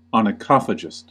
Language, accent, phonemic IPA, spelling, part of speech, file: English, US, /ɑnəˈkɑfəd͡ʒɪst/, onychophagist, noun, En-us-onychophagist.ogg
- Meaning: A person who bites his or her fingernails